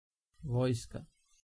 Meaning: army
- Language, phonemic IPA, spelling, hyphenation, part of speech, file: Serbo-Croatian, /ʋǒːjska/, vojska, voj‧ska, noun, Sr-Vojska.ogg